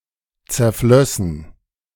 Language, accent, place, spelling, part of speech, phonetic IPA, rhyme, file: German, Germany, Berlin, zerflössen, verb, [t͡sɛɐ̯ˈflœsn̩], -œsn̩, De-zerflössen.ogg
- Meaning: first-person plural subjunctive II of zerfließen